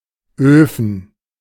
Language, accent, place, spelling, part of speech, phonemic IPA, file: German, Germany, Berlin, Öfen, noun, /ˈøːfən/, De-Öfen.ogg
- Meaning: plural of Ofen